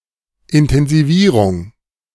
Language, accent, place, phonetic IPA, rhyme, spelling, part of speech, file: German, Germany, Berlin, [ɪntɛnziˈviːʁʊŋ], -iːʁʊŋ, Intensivierung, noun, De-Intensivierung.ogg
- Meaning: intensification